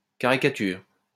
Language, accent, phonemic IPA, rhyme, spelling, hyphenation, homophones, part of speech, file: French, France, /ka.ʁi.ka.tyʁ/, -yʁ, caricature, ca‧ri‧ca‧ture, caricatures, noun, LL-Q150 (fra)-caricature.wav
- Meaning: caricature (a pictorial representation of someone in which distinguishing features are exaggerated for comic effect)